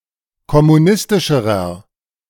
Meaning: inflection of kommunistisch: 1. strong/mixed nominative masculine singular comparative degree 2. strong genitive/dative feminine singular comparative degree
- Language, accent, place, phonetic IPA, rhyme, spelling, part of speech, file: German, Germany, Berlin, [kɔmuˈnɪstɪʃəʁɐ], -ɪstɪʃəʁɐ, kommunistischerer, adjective, De-kommunistischerer.ogg